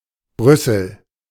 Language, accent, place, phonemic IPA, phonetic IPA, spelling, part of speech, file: German, Germany, Berlin, /ˈbrʏsəl/, [ˈbʁʏsl̩], Brüssel, proper noun, De-Brüssel.ogg
- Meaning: Brussels (the capital city of Belgium)